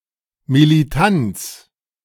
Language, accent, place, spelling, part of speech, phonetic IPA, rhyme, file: German, Germany, Berlin, Militanz, noun, [miliˈtant͡s], -ant͡s, De-Militanz.ogg
- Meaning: militancy